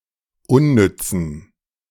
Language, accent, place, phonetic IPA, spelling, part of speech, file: German, Germany, Berlin, [ˈʊnˌnʏt͡sn̩], unnützen, adjective, De-unnützen.ogg
- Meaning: inflection of unnütz: 1. strong genitive masculine/neuter singular 2. weak/mixed genitive/dative all-gender singular 3. strong/weak/mixed accusative masculine singular 4. strong dative plural